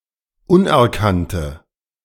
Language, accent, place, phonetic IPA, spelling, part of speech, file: German, Germany, Berlin, [ˈʊnʔɛɐ̯ˌkantə], unerkannte, adjective, De-unerkannte.ogg
- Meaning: inflection of unerkannt: 1. strong/mixed nominative/accusative feminine singular 2. strong nominative/accusative plural 3. weak nominative all-gender singular